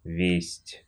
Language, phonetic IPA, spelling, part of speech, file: Russian, [vʲesʲtʲ], весть, noun / verb, Ru-весть.ogg
- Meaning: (noun) 1. news, piece of news, message; tidings 2. news (presentation of news, e.g. on television); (verb) knows: only used in expressions, often with бог (box)